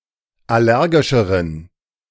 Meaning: inflection of allergisch: 1. strong genitive masculine/neuter singular comparative degree 2. weak/mixed genitive/dative all-gender singular comparative degree
- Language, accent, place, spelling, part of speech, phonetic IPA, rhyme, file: German, Germany, Berlin, allergischeren, adjective, [ˌaˈlɛʁɡɪʃəʁən], -ɛʁɡɪʃəʁən, De-allergischeren.ogg